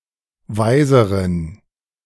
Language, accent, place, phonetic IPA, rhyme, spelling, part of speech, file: German, Germany, Berlin, [ˈvaɪ̯zəʁən], -aɪ̯zəʁən, weiseren, adjective, De-weiseren.ogg
- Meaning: inflection of weise: 1. strong genitive masculine/neuter singular comparative degree 2. weak/mixed genitive/dative all-gender singular comparative degree